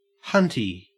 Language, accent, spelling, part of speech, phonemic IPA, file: English, Australia, hunty, noun, /ˈhʌnti/, En-au-hunty.ogg
- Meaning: An irreverent or sarcastic term of endearment